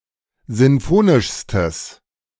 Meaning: strong/mixed nominative/accusative neuter singular superlative degree of sinfonisch
- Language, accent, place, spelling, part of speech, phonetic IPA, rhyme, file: German, Germany, Berlin, sinfonischstes, adjective, [ˌzɪnˈfoːnɪʃstəs], -oːnɪʃstəs, De-sinfonischstes.ogg